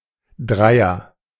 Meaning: 1. three 2. threesome 3. alternative form of Drei (“digit, school mark”)
- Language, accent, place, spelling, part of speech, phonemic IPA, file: German, Germany, Berlin, Dreier, noun, /ˈdraɪ̯ɐ/, De-Dreier.ogg